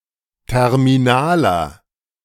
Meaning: inflection of terminal: 1. strong/mixed nominative masculine singular 2. strong genitive/dative feminine singular 3. strong genitive plural
- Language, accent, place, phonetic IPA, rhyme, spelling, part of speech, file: German, Germany, Berlin, [ˌtɛʁmiˈnaːlɐ], -aːlɐ, terminaler, adjective, De-terminaler.ogg